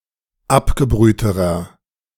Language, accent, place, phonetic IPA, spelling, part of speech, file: German, Germany, Berlin, [ˈapɡəˌbʁyːtəʁɐ], abgebrühterer, adjective, De-abgebrühterer.ogg
- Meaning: inflection of abgebrüht: 1. strong/mixed nominative masculine singular comparative degree 2. strong genitive/dative feminine singular comparative degree 3. strong genitive plural comparative degree